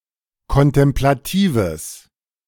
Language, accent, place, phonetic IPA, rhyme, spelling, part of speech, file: German, Germany, Berlin, [kɔntɛmplaˈtiːvəs], -iːvəs, kontemplatives, adjective, De-kontemplatives.ogg
- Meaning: strong/mixed nominative/accusative neuter singular of kontemplativ